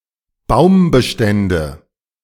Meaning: nominative/accusative/genitive plural of Baumbestand
- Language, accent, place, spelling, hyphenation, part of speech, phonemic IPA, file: German, Germany, Berlin, Baumbestände, Baum‧be‧stän‧de, noun, /ˈbaʊ̯mbəˌʃtɛndə/, De-Baumbestände.ogg